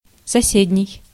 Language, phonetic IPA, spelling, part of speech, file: Russian, [sɐˈsʲedʲnʲɪj], соседний, adjective, Ru-соседний.ogg
- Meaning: neighboring, next to